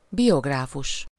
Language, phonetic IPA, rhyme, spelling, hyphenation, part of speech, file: Hungarian, [ˈbijoɡraːfuʃ], -uʃ, biográfus, bi‧og‧rá‧fus, noun, Hu-biográfus.ogg
- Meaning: biographer